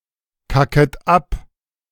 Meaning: second-person plural subjunctive I of abkacken
- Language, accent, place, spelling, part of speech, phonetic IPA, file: German, Germany, Berlin, kacket ab, verb, [ˌkakət ˈap], De-kacket ab.ogg